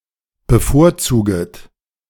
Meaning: second-person plural subjunctive I of bevorzugen
- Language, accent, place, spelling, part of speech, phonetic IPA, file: German, Germany, Berlin, bevorzuget, verb, [bəˈfoːɐ̯ˌt͡suːɡət], De-bevorzuget.ogg